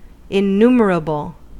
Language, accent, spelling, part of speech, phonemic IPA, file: English, US, innumerable, adjective, /ɪˈnuːməɹ.əbəl/, En-us-innumerable.ogg
- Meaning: 1. Not capable of being counted, enumerated, or numbered 2. Of a very high number; extremely numerous